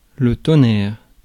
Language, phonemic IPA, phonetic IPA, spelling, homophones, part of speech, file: French, /tɔ.nɛʁ/, [tɔ̃.næɾ], tonnerre, thonaire / thonaires / toner / toners / tonnèrent, noun / phrase, Fr-tonnerre.ogg
- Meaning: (noun) 1. thunder 2. tough guy, troublemaker; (phrase) synonym of tonnerre mes chiens (“darn it, dang it, damnit”)